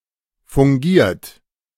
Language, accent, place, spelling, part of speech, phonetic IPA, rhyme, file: German, Germany, Berlin, fungiert, verb, [fʊŋˈɡiːɐ̯t], -iːɐ̯t, De-fungiert.ogg
- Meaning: past participle of fungieren - functioned, officiated